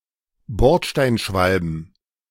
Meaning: plural of Bordsteinschwalbe
- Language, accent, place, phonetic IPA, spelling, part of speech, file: German, Germany, Berlin, [ˈbɔʁtʃtaɪ̯nˌʃvalbn̩], Bordsteinschwalben, noun, De-Bordsteinschwalben.ogg